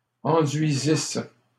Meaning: second-person singular imperfect subjunctive of enduire
- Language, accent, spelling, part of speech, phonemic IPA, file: French, Canada, enduisisses, verb, /ɑ̃.dɥi.zis/, LL-Q150 (fra)-enduisisses.wav